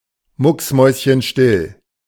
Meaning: dead silent
- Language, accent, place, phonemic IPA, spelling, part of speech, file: German, Germany, Berlin, /ˈmʊksˌmɔɪ̯sçənʃtɪl/, mucksmäuschenstill, adjective, De-mucksmäuschenstill.ogg